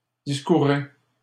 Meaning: inflection of discourir: 1. second-person plural present indicative 2. second-person plural imperative
- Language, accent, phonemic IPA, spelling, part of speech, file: French, Canada, /dis.ku.ʁe/, discourez, verb, LL-Q150 (fra)-discourez.wav